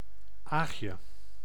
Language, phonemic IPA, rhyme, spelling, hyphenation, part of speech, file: Dutch, /ˈaːx.jə/, -aːxjə, Aagje, Aag‧je, proper noun, Nl-Aagje.ogg
- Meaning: a diminutive of the female given name Agatha